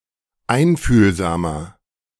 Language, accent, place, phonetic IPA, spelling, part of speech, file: German, Germany, Berlin, [ˈaɪ̯nfyːlzaːmɐ], einfühlsamer, adjective, De-einfühlsamer.ogg
- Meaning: 1. comparative degree of einfühlsam 2. inflection of einfühlsam: strong/mixed nominative masculine singular 3. inflection of einfühlsam: strong genitive/dative feminine singular